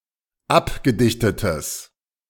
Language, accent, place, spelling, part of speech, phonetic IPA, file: German, Germany, Berlin, abgedichtetes, adjective, [ˈapɡəˌdɪçtətəs], De-abgedichtetes.ogg
- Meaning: strong/mixed nominative/accusative neuter singular of abgedichtet